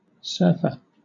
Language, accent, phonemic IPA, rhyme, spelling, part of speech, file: English, Southern England, /ˈsɜː(ɹ)fə(ɹ)/, -ɜː(ɹ)fə(ɹ), surfer, noun, LL-Q1860 (eng)-surfer.wav
- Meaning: 1. A person who rides a surfboard 2. A person who surfs the Internet 3. A duck, the surf scoter (Melanitta perspicillata)